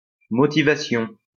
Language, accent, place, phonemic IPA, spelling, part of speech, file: French, France, Lyon, /mo.ti.va.sjɔ̃/, motivation, noun, LL-Q150 (fra)-motivation.wav
- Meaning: motivation